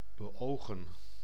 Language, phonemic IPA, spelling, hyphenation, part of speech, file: Dutch, /bəˈoːɣə(n)/, beogen, be‧ogen, verb, Nl-beogen.ogg
- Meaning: to intend, aim, seek (have as a goal)